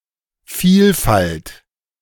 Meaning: 1. variety (of) 2. diversity
- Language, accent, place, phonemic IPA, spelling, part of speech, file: German, Germany, Berlin, /ˈfiːlˌfalt/, Vielfalt, noun, De-Vielfalt.ogg